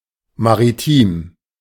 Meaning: maritime
- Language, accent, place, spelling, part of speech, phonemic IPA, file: German, Germany, Berlin, maritim, adjective, /maʁiˈtiːm/, De-maritim.ogg